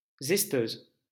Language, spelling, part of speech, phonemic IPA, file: French, zesteuse, noun, /zɛs.tøz/, LL-Q150 (fra)-zesteuse.wav
- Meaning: zester